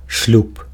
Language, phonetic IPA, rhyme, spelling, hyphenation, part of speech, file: Belarusian, [ʂlʲup], -up, шлюб, шлюб, noun, Be-шлюб.ogg
- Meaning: 1. marriage, matrimony (state of being married) 2. wedding (marriage ceremony)